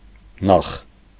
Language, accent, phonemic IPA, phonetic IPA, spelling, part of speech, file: Armenian, Eastern Armenian, /nɑχ/, [nɑχ], նախ, adverb, Hy-նախ.ogg
- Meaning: first, in the first place, firstly